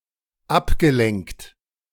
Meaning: past participle of ablenken
- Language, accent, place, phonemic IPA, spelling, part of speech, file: German, Germany, Berlin, /ˈapˌɡə.lɛŋkt/, abgelenkt, verb, De-abgelenkt.ogg